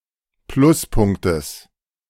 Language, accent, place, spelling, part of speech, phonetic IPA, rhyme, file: German, Germany, Berlin, Pluspunktes, noun, [ˈplʊsˌpʊŋktəs], -ʊspʊŋktəs, De-Pluspunktes.ogg
- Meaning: genitive singular of Pluspunkt